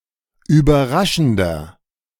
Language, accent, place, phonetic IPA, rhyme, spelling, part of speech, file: German, Germany, Berlin, [yːbɐˈʁaʃn̩dɐ], -aʃn̩dɐ, überraschender, adjective, De-überraschender.ogg
- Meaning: inflection of überraschend: 1. strong/mixed nominative masculine singular 2. strong genitive/dative feminine singular 3. strong genitive plural